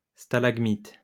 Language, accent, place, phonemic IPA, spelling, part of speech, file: French, France, Lyon, /sta.laɡ.mit/, stalagmite, noun, LL-Q150 (fra)-stalagmite.wav
- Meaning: stalagmite